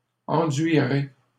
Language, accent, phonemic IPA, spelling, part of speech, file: French, Canada, /ɑ̃.dɥi.ʁe/, enduirez, verb, LL-Q150 (fra)-enduirez.wav
- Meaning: second-person plural simple future of enduire